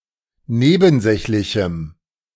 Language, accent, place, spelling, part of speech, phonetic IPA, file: German, Germany, Berlin, nebensächlichem, adjective, [ˈneːbn̩ˌzɛçlɪçm̩], De-nebensächlichem.ogg
- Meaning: strong dative masculine/neuter singular of nebensächlich